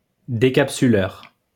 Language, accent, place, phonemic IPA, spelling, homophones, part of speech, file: French, France, Lyon, /de.kap.sy.lœʁ/, décapsuleur, décapsuleurs, noun, LL-Q150 (fra)-décapsuleur.wav
- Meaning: bottle opener